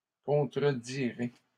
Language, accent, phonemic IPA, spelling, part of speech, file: French, Canada, /kɔ̃.tʁə.di.ʁe/, contredirez, verb, LL-Q150 (fra)-contredirez.wav
- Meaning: second-person plural future of contredire